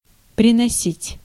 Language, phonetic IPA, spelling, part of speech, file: Russian, [prʲɪnɐˈsʲitʲ], приносить, verb, Ru-приносить.ogg
- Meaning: 1. to bring (by foot), to fetch 2. to yield, to bear 3. to offer (apologies, thanks, etc.)